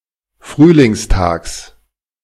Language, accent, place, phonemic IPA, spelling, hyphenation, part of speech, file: German, Germany, Berlin, /ˈfʁyːlɪŋsˌtaːks/, Frühlingstags, Früh‧lings‧tags, noun, De-Frühlingstags.ogg
- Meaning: genitive singular of Frühlingstag